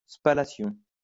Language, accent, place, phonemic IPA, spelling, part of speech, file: French, France, Lyon, /spa.la.sjɔ̃/, spallation, noun, LL-Q150 (fra)-spallation.wav
- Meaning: spallation